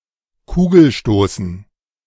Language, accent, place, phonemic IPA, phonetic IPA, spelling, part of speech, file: German, Germany, Berlin, /ˈkuːɡəlˌʃtoːsən/, [ˈkʰuːɡl̩ˌʃtoːsn̩], Kugelstoßen, noun, De-Kugelstoßen.ogg
- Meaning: shot put